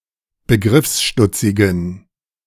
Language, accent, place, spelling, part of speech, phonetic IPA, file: German, Germany, Berlin, begriffsstutzigen, adjective, [bəˈɡʁɪfsˌʃtʊt͡sɪɡn̩], De-begriffsstutzigen.ogg
- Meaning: inflection of begriffsstutzig: 1. strong genitive masculine/neuter singular 2. weak/mixed genitive/dative all-gender singular 3. strong/weak/mixed accusative masculine singular 4. strong dative plural